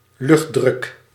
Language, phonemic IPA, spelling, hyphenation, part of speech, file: Dutch, /ˈlʏxt.drʏk/, luchtdruk, lucht‧druk, noun, Nl-luchtdruk.ogg
- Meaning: atmospheric pressure